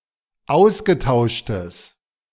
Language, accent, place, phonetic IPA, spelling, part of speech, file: German, Germany, Berlin, [ˈaʊ̯sɡəˌtaʊ̯ʃtəs], ausgetauschtes, adjective, De-ausgetauschtes.ogg
- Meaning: strong/mixed nominative/accusative neuter singular of ausgetauscht